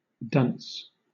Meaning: An unintelligent person
- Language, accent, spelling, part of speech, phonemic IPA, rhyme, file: English, Southern England, dunce, noun, /dʌns/, -ʌns, LL-Q1860 (eng)-dunce.wav